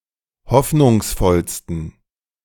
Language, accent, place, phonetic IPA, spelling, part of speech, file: German, Germany, Berlin, [ˈhɔfnʊŋsˌfɔlstn̩], hoffnungsvollsten, adjective, De-hoffnungsvollsten.ogg
- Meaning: 1. superlative degree of hoffnungsvoll 2. inflection of hoffnungsvoll: strong genitive masculine/neuter singular superlative degree